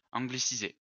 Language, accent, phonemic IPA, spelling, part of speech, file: French, France, /ɑ̃.ɡli.si.ze/, angliciser, verb, LL-Q150 (fra)-angliciser.wav
- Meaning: to anglicise